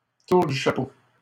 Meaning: hat trick
- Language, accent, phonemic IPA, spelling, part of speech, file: French, Canada, /tuʁ dy ʃa.po/, tour du chapeau, noun, LL-Q150 (fra)-tour du chapeau.wav